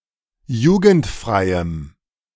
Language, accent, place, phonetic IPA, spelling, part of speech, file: German, Germany, Berlin, [ˈjuːɡn̩tˌfʁaɪ̯əm], jugendfreiem, adjective, De-jugendfreiem.ogg
- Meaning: strong dative masculine/neuter singular of jugendfrei